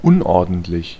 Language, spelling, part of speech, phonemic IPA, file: German, unordentlich, adjective, /ˈʊnˌ(ʔ)ɔɐ̯dn̩tˌlɪç/, De-unordentlich.ogg
- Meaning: untidy (sloppy)